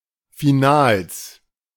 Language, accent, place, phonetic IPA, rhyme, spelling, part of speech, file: German, Germany, Berlin, [fiˈnaːls], -aːls, Finals, noun, De-Finals.ogg
- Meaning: 1. genitive singular of Final 2. plural of Final 3. genitive singular of Finale 4. plural of Finale